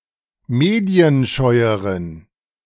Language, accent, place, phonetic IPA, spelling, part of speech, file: German, Germany, Berlin, [ˈmeːdi̯ənˌʃɔɪ̯əʁən], medienscheueren, adjective, De-medienscheueren.ogg
- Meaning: inflection of medienscheu: 1. strong genitive masculine/neuter singular comparative degree 2. weak/mixed genitive/dative all-gender singular comparative degree